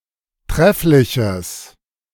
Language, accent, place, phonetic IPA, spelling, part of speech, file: German, Germany, Berlin, [ˈtʁɛflɪçəs], treffliches, adjective, De-treffliches.ogg
- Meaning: strong/mixed nominative/accusative neuter singular of trefflich